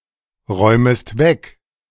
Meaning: second-person singular subjunctive I of wegräumen
- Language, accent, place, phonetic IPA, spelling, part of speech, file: German, Germany, Berlin, [ˌʁɔɪ̯məst ˈvɛk], räumest weg, verb, De-räumest weg.ogg